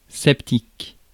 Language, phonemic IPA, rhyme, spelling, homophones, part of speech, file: French, /sɛp.tik/, -ik, sceptique, septique, noun / adjective, Fr-sceptique.ogg
- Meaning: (noun) sceptic (British), skeptic (American); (adjective) sceptical (British), skeptical (American)